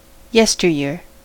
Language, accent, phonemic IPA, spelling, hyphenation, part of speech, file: English, General American, /ˈjɛstəɹˌjɪ(ə)ɹ/, yesteryear, yes‧ter‧year, noun / adverb, En-us-yesteryear.ogg
- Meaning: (noun) 1. Past years; time gone by; yore 2. Last year; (adverb) In past years